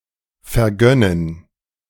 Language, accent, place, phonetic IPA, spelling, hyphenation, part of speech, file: German, Germany, Berlin, [fɛɐ̯ˈɡœnən], vergönnen, ver‧gön‧nen, verb, De-vergönnen.ogg
- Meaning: to grant